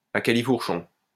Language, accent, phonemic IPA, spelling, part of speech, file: French, France, /a ka.li.fuʁ.ʃɔ̃/, à califourchon, adverb, LL-Q150 (fra)-à califourchon.wav
- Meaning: astride, straddling